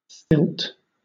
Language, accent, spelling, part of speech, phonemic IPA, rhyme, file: English, Southern England, stilt, noun / verb, /stɪlt/, -ɪlt, LL-Q1860 (eng)-stilt.wav
- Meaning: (noun) Either of two poles with footrests that allow someone to stand or walk above the ground; used mostly by entertainers